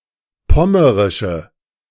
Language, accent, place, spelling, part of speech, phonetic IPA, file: German, Germany, Berlin, pommerische, adjective, [ˈpɔməʁɪʃə], De-pommerische.ogg
- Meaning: inflection of pommerisch: 1. strong/mixed nominative/accusative feminine singular 2. strong nominative/accusative plural 3. weak nominative all-gender singular